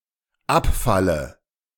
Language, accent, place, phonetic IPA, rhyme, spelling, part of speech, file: German, Germany, Berlin, [ˈapˌfalə], -apfalə, abfalle, verb, De-abfalle.ogg
- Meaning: inflection of abfallen: 1. first-person singular dependent present 2. first/third-person singular dependent subjunctive I